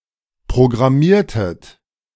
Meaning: inflection of programmieren: 1. second-person plural preterite 2. second-person plural subjunctive II
- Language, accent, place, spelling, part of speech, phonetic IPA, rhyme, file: German, Germany, Berlin, programmiertet, verb, [pʁoɡʁaˈmiːɐ̯tət], -iːɐ̯tət, De-programmiertet.ogg